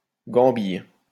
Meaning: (noun) 1. leg 2. dance; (verb) inflection of gambiller: 1. first/third-person singular present indicative/subjunctive 2. second-person singular imperative
- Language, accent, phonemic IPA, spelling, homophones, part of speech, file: French, France, /ɡɑ̃.bij/, gambille, gambillent / gambilles, noun / verb, LL-Q150 (fra)-gambille.wav